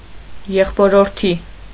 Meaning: fraternal nephew
- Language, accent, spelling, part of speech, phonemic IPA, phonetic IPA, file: Armenian, Eastern Armenian, եղբորորդի, noun, /jeχpoɾoɾˈtʰi/, [jeχpoɾoɾtʰí], Hy-եղբորորդի.ogg